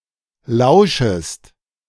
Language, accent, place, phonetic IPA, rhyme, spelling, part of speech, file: German, Germany, Berlin, [ˈlaʊ̯ʃəst], -aʊ̯ʃəst, lauschest, verb, De-lauschest.ogg
- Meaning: second-person singular subjunctive I of lauschen